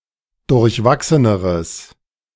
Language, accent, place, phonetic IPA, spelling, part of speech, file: German, Germany, Berlin, [dʊʁçˈvaksənəʁəs], durchwachseneres, adjective, De-durchwachseneres.ogg
- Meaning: strong/mixed nominative/accusative neuter singular comparative degree of durchwachsen